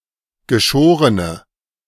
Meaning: inflection of geschoren: 1. strong/mixed nominative/accusative feminine singular 2. strong nominative/accusative plural 3. weak nominative all-gender singular
- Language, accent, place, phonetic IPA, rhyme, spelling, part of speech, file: German, Germany, Berlin, [ɡəˈʃoːʁənə], -oːʁənə, geschorene, adjective, De-geschorene.ogg